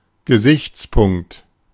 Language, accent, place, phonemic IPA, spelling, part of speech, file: German, Germany, Berlin, /ɡəˈzɪçt͡sˌpʊŋkt/, Gesichtspunkt, noun, De-Gesichtspunkt.ogg
- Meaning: 1. standpoint, aspect, view 2. point of view